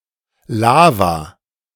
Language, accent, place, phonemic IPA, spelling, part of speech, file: German, Germany, Berlin, /ˈlaːva/, Lava, noun, De-Lava.ogg
- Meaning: 1. lava 2. synonym of Magma 3. an area (in a game of tag etc.) where the players are not allowed to go (and lose if they do)